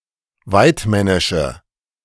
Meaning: inflection of waidmännisch: 1. strong/mixed nominative/accusative feminine singular 2. strong nominative/accusative plural 3. weak nominative all-gender singular
- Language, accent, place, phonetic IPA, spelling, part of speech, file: German, Germany, Berlin, [ˈvaɪ̯tˌmɛnɪʃə], waidmännische, adjective, De-waidmännische.ogg